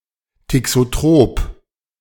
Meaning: thixotropic
- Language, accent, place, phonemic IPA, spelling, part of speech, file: German, Germany, Berlin, /tɪksoˈtʁoːp/, thixotrop, adjective, De-thixotrop.ogg